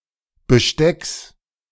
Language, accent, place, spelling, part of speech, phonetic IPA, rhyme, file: German, Germany, Berlin, Bestecks, noun, [bəˈʃtɛks], -ɛks, De-Bestecks.ogg
- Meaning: genitive singular of Besteck